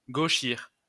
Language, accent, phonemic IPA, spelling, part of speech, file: French, France, /ɡo.ʃiʁ/, gauchir, verb, LL-Q150 (fra)-gauchir.wav
- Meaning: 1. to dodge 2. to speak or act deceptively 3. to warp, buckle, distort, bend 4. to flavour with left-oriented political views